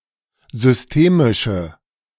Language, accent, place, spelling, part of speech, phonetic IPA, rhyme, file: German, Germany, Berlin, systemische, adjective, [zʏsˈteːmɪʃə], -eːmɪʃə, De-systemische.ogg
- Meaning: inflection of systemisch: 1. strong/mixed nominative/accusative feminine singular 2. strong nominative/accusative plural 3. weak nominative all-gender singular